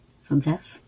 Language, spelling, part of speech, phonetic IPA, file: Polish, wbrew, preposition, [vbrɛf], LL-Q809 (pol)-wbrew.wav